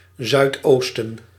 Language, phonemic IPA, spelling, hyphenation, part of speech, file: Dutch, /ˌzœy̯tˈoːs.tə(n)/, zuidoosten, zuid‧oos‧ten, noun, Nl-zuidoosten.ogg
- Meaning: southeast (compass point)